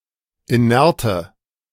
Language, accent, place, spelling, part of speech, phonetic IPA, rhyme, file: German, Germany, Berlin, inerte, adjective, [iˈnɛʁtə], -ɛʁtə, De-inerte.ogg
- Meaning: inflection of inert: 1. strong/mixed nominative/accusative feminine singular 2. strong nominative/accusative plural 3. weak nominative all-gender singular 4. weak accusative feminine/neuter singular